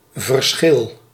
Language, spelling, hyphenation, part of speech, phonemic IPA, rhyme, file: Dutch, verschil, ver‧schil, noun / verb, /vərˈsxɪl/, -ɪl, Nl-verschil.ogg
- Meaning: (noun) difference; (verb) inflection of verschillen: 1. first-person singular present indicative 2. second-person singular present indicative 3. imperative